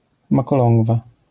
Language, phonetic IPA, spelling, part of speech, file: Polish, [ˌmakɔˈlɔ̃ŋɡva], makolągwa, noun, LL-Q809 (pol)-makolągwa.wav